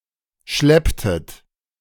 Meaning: inflection of schleppen: 1. second-person plural preterite 2. second-person plural subjunctive II
- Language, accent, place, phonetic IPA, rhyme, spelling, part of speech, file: German, Germany, Berlin, [ˈʃlɛptət], -ɛptət, schlepptet, verb, De-schlepptet.ogg